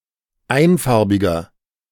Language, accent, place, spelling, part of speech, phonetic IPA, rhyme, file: German, Germany, Berlin, einfarbiger, adjective, [ˈaɪ̯nˌfaʁbɪɡɐ], -aɪ̯nfaʁbɪɡɐ, De-einfarbiger.ogg
- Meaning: inflection of einfarbig: 1. strong/mixed nominative masculine singular 2. strong genitive/dative feminine singular 3. strong genitive plural